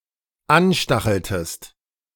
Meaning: inflection of anstacheln: 1. second-person singular dependent preterite 2. second-person singular dependent subjunctive II
- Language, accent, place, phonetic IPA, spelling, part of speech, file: German, Germany, Berlin, [ˈanˌʃtaxl̩təst], anstacheltest, verb, De-anstacheltest.ogg